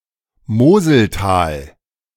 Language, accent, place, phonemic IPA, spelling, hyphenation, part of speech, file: German, Germany, Berlin, /ˈmoːzəlˌtaːl/, Moseltal, Mo‧sel‧tal, proper noun, De-Moseltal.ogg
- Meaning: The Moselle valley